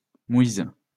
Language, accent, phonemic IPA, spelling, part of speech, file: French, France, /mwiz/, mouise, noun, LL-Q150 (fra)-mouise.wav
- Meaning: 1. pap, porridge 2. penury, poverty, hardship